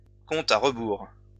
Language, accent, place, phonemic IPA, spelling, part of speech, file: French, France, Lyon, /kɔ̃.t‿a ʁ(ə).buʁ/, compte à rebours, noun, LL-Q150 (fra)-compte à rebours.wav
- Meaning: countdown (to an event)